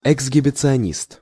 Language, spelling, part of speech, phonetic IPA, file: Russian, эксгибиционист, noun, [ɪɡzɡʲɪbʲɪt͡sɨɐˈnʲist], Ru-эксгибиционист.ogg
- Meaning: exhibitionist